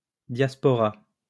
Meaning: diaspora
- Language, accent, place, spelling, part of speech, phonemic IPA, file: French, France, Lyon, diaspora, noun, /djas.pɔ.ʁa/, LL-Q150 (fra)-diaspora.wav